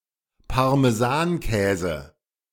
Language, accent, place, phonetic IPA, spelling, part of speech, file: German, Germany, Berlin, [paʁmeˈzaːnˌkɛːzə], Parmesankäse, noun, De-Parmesankäse.ogg
- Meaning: parmesan